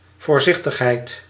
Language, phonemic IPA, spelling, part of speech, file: Dutch, /vɔːrˈzɪxtəxˌhɛɪt/, voorzichtigheid, noun, Nl-voorzichtigheid.ogg
- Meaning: caution, prudence, foresight